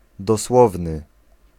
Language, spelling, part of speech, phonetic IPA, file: Polish, dosłowny, adjective, [dɔˈswɔvnɨ], Pl-dosłowny.ogg